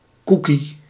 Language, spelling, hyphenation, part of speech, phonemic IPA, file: Dutch, cookie, coo‧kie, noun, /ˈkuki/, Nl-cookie.ogg
- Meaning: cookie